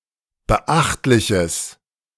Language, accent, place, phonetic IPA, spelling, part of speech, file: German, Germany, Berlin, [bəˈʔaxtlɪçəs], beachtliches, adjective, De-beachtliches.ogg
- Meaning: strong/mixed nominative/accusative neuter singular of beachtlich